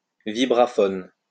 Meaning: vibraphone
- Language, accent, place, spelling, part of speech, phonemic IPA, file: French, France, Lyon, vibraphone, noun, /vi.bʁa.fɔn/, LL-Q150 (fra)-vibraphone.wav